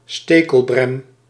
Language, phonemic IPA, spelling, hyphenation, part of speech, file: Dutch, /ˈsteː.kəlˌbrɛm/, stekelbrem, ste‧kel‧brem, noun, Nl-stekelbrem.ogg
- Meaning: needle furze, pettywhin (Genista anglica)